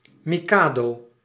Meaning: 1. mikado, pick-up sticks (game of skill) 2. mikado, a former title of the emperors of Japan during a certain period 3. any emperor of Japan
- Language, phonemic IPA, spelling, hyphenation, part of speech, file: Dutch, /ˈmi.kaːˌdoː/, mikado, mi‧ka‧do, noun, Nl-mikado.ogg